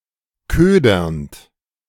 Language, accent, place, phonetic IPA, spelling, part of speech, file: German, Germany, Berlin, [ˈkøːdɐnt], ködernd, verb, De-ködernd.ogg
- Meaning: present participle of ködern